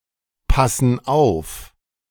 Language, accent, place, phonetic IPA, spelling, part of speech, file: German, Germany, Berlin, [ˌpasn̩ ˈaʊ̯f], passen auf, verb, De-passen auf.ogg
- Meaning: inflection of aufpassen: 1. first/third-person plural present 2. first/third-person plural subjunctive I